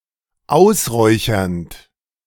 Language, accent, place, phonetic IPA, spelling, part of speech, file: German, Germany, Berlin, [ˈaʊ̯sˌʁɔɪ̯çɐnt], ausräuchernd, verb, De-ausräuchernd.ogg
- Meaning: present participle of ausräuchern